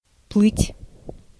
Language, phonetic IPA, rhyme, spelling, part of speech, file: Russian, [ˈpɫɨtʲ], -ɨtʲ, плыть, verb, Ru-плыть.ogg
- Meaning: 1. to swim, to float 2. to sail